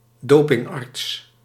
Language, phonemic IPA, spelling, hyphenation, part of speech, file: Dutch, /ˈdoː.pɪŋˌɑrts/, dopingarts, do‧ping‧arts, noun, Nl-dopingarts.ogg
- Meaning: doctor specialised in administering doping